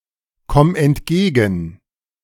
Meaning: singular imperative of entgegenkommen
- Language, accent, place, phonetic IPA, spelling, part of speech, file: German, Germany, Berlin, [ˌkɔm ɛntˈɡeːɡn̩], komm entgegen, verb, De-komm entgegen.ogg